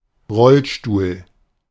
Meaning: wheelchair
- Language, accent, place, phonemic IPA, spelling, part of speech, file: German, Germany, Berlin, /ˈʁɔlʃtuːl/, Rollstuhl, noun, De-Rollstuhl.ogg